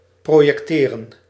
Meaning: 1. to project, to cast an image 2. to project (to draw straight lines from a fixed point)
- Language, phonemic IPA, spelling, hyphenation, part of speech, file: Dutch, /ˌproː.jɛkˈteː.rə(n)/, projecteren, pro‧jec‧te‧ren, verb, Nl-projecteren.ogg